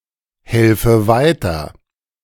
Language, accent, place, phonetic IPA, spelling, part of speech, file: German, Germany, Berlin, [ˌhɛlfə ˈvaɪ̯tɐ], helfe weiter, verb, De-helfe weiter.ogg
- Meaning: inflection of weiterhelfen: 1. first-person singular present 2. first/third-person singular subjunctive I